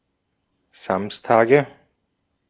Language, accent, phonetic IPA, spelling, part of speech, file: German, Austria, [ˈzamstaːɡə], Samstage, noun, De-at-Samstage.ogg
- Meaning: nominative/accusative/genitive plural of Samstag